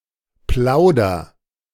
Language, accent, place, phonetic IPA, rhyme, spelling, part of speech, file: German, Germany, Berlin, [ˈplaʊ̯dɐ], -aʊ̯dɐ, plauder, verb, De-plauder.ogg
- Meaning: inflection of plaudern: 1. first-person singular present 2. singular imperative